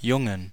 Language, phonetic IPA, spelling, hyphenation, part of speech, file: German, [ˈjʊŋən], Jungen, Jung‧en, noun, De-Jungen.ogg
- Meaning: 1. plural of Junge 2. accusative singular of Junge 3. dative singular of Junge 4. genitive singular of Junge